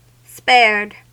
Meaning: simple past and past participle of spare
- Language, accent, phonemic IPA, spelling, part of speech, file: English, US, /ˈspɛɹd/, spared, verb, En-us-spared.ogg